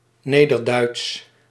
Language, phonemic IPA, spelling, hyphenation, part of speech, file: Dutch, /ˈneː.dərˌdœy̯ts/, Nederduits, Ne‧der‧duits, proper noun / adjective, Nl-Nederduits.ogg
- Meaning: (proper noun) the Low German or Low Saxon language, now in general usage often restricted to German Low German